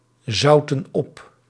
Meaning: inflection of opzouten: 1. plural present indicative 2. plural present subjunctive
- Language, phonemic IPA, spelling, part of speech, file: Dutch, /ˈzɑutə(n) ˈɔp/, zouten op, verb, Nl-zouten op.ogg